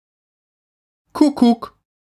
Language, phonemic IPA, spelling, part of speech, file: German, /ˈkʊkʊk/, kuckuck, interjection, De-kuckuck.ogg
- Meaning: cuckoo (cry of a cuckoo)